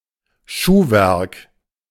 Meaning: footwear
- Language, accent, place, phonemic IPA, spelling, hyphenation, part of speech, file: German, Germany, Berlin, /ˈʃuːˌvɛʁk/, Schuhwerk, Schuh‧werk, noun, De-Schuhwerk.ogg